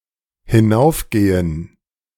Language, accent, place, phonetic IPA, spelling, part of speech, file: German, Germany, Berlin, [hɪˈnaʊ̯fˌɡeːən], hinaufgehen, verb, De-hinaufgehen.ogg
- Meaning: to climb, to go up